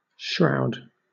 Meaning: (noun) 1. That which clothes, covers, conceals, or protects; a garment 2. Especially, the dress for the dead; a winding sheet 3. That which covers or shelters like a shroud
- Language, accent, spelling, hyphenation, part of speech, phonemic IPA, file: English, Southern England, shroud, shroud, noun / verb, /ˈʃɹaʊ̯d/, LL-Q1860 (eng)-shroud.wav